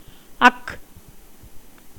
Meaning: a special letter in Tamil, used to: represent the voiceless glottal fricative
- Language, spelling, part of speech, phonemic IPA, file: Tamil, ஃ, character, /ɐhᵄ/, Ta-ஃ.ogg